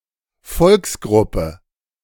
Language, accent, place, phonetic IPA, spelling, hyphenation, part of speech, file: German, Germany, Berlin, [ˈfɔlksˌɡʁʊpə], Volksgruppe, Volks‧grup‧pe, noun, De-Volksgruppe.ogg
- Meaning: ethnic group, ethnical group